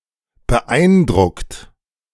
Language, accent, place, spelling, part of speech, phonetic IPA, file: German, Germany, Berlin, beeindruckt, adjective / verb, [bəˈʔaɪ̯nˌdʁʊkt], De-beeindruckt.ogg
- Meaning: 1. past participle of beeindrucken 2. inflection of beeindrucken: second-person plural present 3. inflection of beeindrucken: third-person singular present